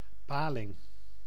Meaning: eel
- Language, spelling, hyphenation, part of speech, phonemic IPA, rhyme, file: Dutch, paling, pa‧ling, noun, /ˈpaː.lɪŋ/, -aːlɪŋ, Nl-paling.ogg